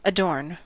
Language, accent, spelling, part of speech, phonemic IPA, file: English, US, adorn, verb / noun / adjective, /əˈdɔɹn/, En-us-adorn.ogg
- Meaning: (verb) To make more beautiful and attractive; to decorate; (noun) adornment; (adjective) adorned; ornate